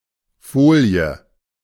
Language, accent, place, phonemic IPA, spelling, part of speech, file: German, Germany, Berlin, /ˈfoːli̯ə/, Folie, noun, De-Folie.ogg
- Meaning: 1. a piece of very thinly spread-out material: foil, metal film 2. a piece of very thinly spread-out material: plastic wrap, cling film 3. slide (transparent plate bearing something to be projected)